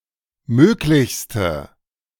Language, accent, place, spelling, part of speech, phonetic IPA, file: German, Germany, Berlin, möglichste, adjective, [ˈmøːklɪçstə], De-möglichste.ogg
- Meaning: inflection of möglich: 1. strong/mixed nominative/accusative feminine singular superlative degree 2. strong nominative/accusative plural superlative degree